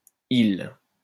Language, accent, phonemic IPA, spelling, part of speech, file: French, France, /il/, hile, noun, LL-Q150 (fra)-hile.wav
- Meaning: hilum